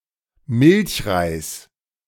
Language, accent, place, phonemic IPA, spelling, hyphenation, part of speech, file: German, Germany, Berlin, /ˈmɪlçʁaɪ̯s/, Milchreis, Milch‧reis, noun, De-Milchreis.ogg
- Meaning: 1. rice pudding 2. pudding rice